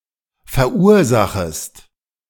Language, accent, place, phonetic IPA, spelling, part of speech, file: German, Germany, Berlin, [fɛɐ̯ˈʔuːɐ̯ˌzaxəst], verursachest, verb, De-verursachest.ogg
- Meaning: second-person singular subjunctive I of verursachen